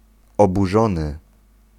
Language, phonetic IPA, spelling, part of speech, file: Polish, [ˌɔbuˈʒɔ̃nɨ], oburzony, verb / adjective, Pl-oburzony.ogg